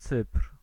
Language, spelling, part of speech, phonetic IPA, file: Polish, Cypr, proper noun, [t͡sɨpr̥], Pl-Cypr.ogg